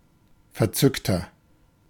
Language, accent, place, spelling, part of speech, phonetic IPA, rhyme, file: German, Germany, Berlin, verzückter, adjective, [fɛɐ̯ˈt͡sʏktɐ], -ʏktɐ, De-verzückter.ogg
- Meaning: 1. comparative degree of verzückt 2. inflection of verzückt: strong/mixed nominative masculine singular 3. inflection of verzückt: strong genitive/dative feminine singular